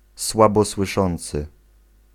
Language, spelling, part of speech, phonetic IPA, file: Polish, słabosłyszący, adjective / noun, [ˌswabɔswɨˈʃɔ̃nt͡sɨ], Pl-słabosłyszący.ogg